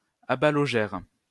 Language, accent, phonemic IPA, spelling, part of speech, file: French, France, /a.ba.lɔ.ʒɛʁ/, abalogèrent, verb, LL-Q150 (fra)-abalogèrent.wav
- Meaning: third-person plural past historic of abaloger